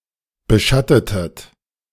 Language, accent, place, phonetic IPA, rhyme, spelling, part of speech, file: German, Germany, Berlin, [bəˈʃatətət], -atətət, beschattetet, verb, De-beschattetet.ogg
- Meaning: inflection of beschatten: 1. second-person plural preterite 2. second-person plural subjunctive II